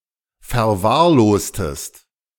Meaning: inflection of verwahrlosen: 1. second-person singular preterite 2. second-person singular subjunctive II
- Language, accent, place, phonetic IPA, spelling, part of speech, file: German, Germany, Berlin, [fɛɐ̯ˈvaːɐ̯ˌloːstəst], verwahrlostest, verb, De-verwahrlostest.ogg